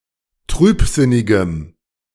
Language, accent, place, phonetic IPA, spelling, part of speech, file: German, Germany, Berlin, [ˈtʁyːpˌzɪnɪɡəm], trübsinnigem, adjective, De-trübsinnigem.ogg
- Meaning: strong dative masculine/neuter singular of trübsinnig